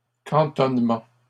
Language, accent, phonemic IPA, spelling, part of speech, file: French, Canada, /kɑ̃.tɔn.mɑ̃/, cantonnements, noun, LL-Q150 (fra)-cantonnements.wav
- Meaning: plural of cantonnement